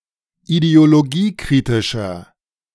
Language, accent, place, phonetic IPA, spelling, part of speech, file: German, Germany, Berlin, [ideoloˈɡiːˌkʁɪtɪʃɐ], ideologiekritischer, adjective, De-ideologiekritischer.ogg
- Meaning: inflection of ideologiekritisch: 1. strong/mixed nominative masculine singular 2. strong genitive/dative feminine singular 3. strong genitive plural